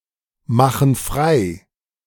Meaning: inflection of freimachen: 1. first/third-person plural present 2. first/third-person plural subjunctive I
- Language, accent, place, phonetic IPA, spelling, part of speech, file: German, Germany, Berlin, [ˌmaxn̩ ˈfʁaɪ̯], machen frei, verb, De-machen frei.ogg